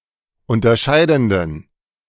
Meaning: inflection of unterscheidend: 1. strong genitive masculine/neuter singular 2. weak/mixed genitive/dative all-gender singular 3. strong/weak/mixed accusative masculine singular 4. strong dative plural
- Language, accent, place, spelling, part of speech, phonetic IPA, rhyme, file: German, Germany, Berlin, unterscheidenden, adjective, [ˌʊntɐˈʃaɪ̯dn̩dən], -aɪ̯dn̩dən, De-unterscheidenden.ogg